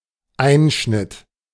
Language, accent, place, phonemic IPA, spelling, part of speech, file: German, Germany, Berlin, /ˈaɪ̯nʃnɪt/, Einschnitt, noun, De-Einschnitt.ogg
- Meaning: 1. incision 2. cut, financial cut, cutback